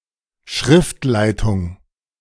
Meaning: editing, editorial department, editorship
- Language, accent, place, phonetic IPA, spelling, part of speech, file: German, Germany, Berlin, [ˈʃrɪftlaɪ̯tʊŋ], Schriftleitung, noun, De-Schriftleitung.ogg